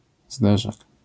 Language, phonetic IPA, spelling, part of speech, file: Polish, [ˈzdɛʒak], zderzak, noun, LL-Q809 (pol)-zderzak.wav